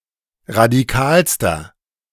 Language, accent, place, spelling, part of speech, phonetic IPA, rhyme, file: German, Germany, Berlin, radikalster, adjective, [ʁadiˈkaːlstɐ], -aːlstɐ, De-radikalster.ogg
- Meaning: inflection of radikal: 1. strong/mixed nominative masculine singular superlative degree 2. strong genitive/dative feminine singular superlative degree 3. strong genitive plural superlative degree